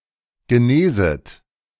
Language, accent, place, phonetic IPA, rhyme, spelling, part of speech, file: German, Germany, Berlin, [ɡəˈneːzət], -eːzət, geneset, verb, De-geneset.ogg
- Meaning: second-person plural subjunctive I of genesen